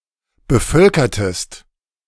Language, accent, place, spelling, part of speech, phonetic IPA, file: German, Germany, Berlin, bevölkertest, verb, [bəˈfœlkɐtəst], De-bevölkertest.ogg
- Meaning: inflection of bevölkern: 1. second-person singular preterite 2. second-person singular subjunctive II